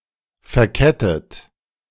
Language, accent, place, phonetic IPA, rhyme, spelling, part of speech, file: German, Germany, Berlin, [fɛɐ̯ˈkɛtət], -ɛtət, verkettet, verb, De-verkettet.ogg
- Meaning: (verb) past participle of verketten; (adjective) chained